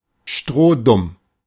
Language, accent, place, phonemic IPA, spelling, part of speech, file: German, Germany, Berlin, /ˈʃtʁoːˈdʊm/, strohdumm, adjective, De-strohdumm.ogg
- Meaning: very stupid